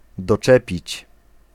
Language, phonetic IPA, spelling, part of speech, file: Polish, [dɔˈt͡ʃɛpʲit͡ɕ], doczepić, verb, Pl-doczepić.ogg